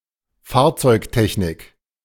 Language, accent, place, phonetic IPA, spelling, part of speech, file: German, Germany, Berlin, [ˈfaːɐ̯t͡sɔɪ̯kˌtɛçnɪk], Fahrzeugtechnik, noun, De-Fahrzeugtechnik.ogg
- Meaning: vehicle technology